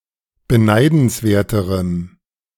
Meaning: strong dative masculine/neuter singular comparative degree of beneidenswert
- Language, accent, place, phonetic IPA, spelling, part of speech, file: German, Germany, Berlin, [bəˈnaɪ̯dn̩sˌveːɐ̯təʁəm], beneidenswerterem, adjective, De-beneidenswerterem.ogg